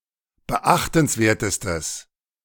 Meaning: strong/mixed nominative/accusative neuter singular superlative degree of beachtenswert
- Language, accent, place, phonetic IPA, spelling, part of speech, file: German, Germany, Berlin, [bəˈʔaxtn̩sˌveːɐ̯təstəs], beachtenswertestes, adjective, De-beachtenswertestes.ogg